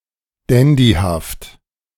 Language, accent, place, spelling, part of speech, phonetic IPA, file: German, Germany, Berlin, dandyhaft, adjective, [ˈdɛndihaft], De-dandyhaft.ogg
- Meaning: dandyish